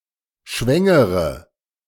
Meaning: inflection of schwängern: 1. first-person singular present 2. first/third-person singular subjunctive I 3. singular imperative
- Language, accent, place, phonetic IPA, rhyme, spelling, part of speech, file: German, Germany, Berlin, [ˈʃvɛŋəʁə], -ɛŋəʁə, schwängere, verb, De-schwängere.ogg